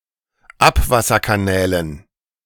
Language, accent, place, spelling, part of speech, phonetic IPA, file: German, Germany, Berlin, Abwasserkanälen, noun, [ˈapvasɐkaˌnɛːlən], De-Abwasserkanälen.ogg
- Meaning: dative plural of Abwasserkanal